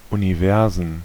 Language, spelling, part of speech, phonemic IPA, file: German, Universen, noun, /uniˈvɛʁzn/, De-Universen.ogg
- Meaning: plural of Universum